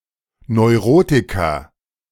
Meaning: neurotic person
- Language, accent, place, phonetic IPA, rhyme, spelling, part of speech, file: German, Germany, Berlin, [nɔɪ̯ˈʁoːtɪkɐ], -oːtɪkɐ, Neurotiker, noun, De-Neurotiker.ogg